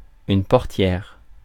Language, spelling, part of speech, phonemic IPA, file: French, portière, noun, /pɔʁ.tjɛʁ/, Fr-portière.ogg
- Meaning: 1. female equivalent of portier 2. car door